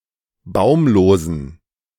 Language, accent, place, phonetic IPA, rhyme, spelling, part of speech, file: German, Germany, Berlin, [ˈbaʊ̯mloːzn̩], -aʊ̯mloːzn̩, baumlosen, adjective, De-baumlosen.ogg
- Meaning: inflection of baumlos: 1. strong genitive masculine/neuter singular 2. weak/mixed genitive/dative all-gender singular 3. strong/weak/mixed accusative masculine singular 4. strong dative plural